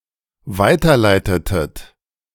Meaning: inflection of weiterleiten: 1. second-person plural dependent preterite 2. second-person plural dependent subjunctive II
- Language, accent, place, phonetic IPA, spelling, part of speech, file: German, Germany, Berlin, [ˈvaɪ̯tɐˌlaɪ̯tətət], weiterleitetet, verb, De-weiterleitetet.ogg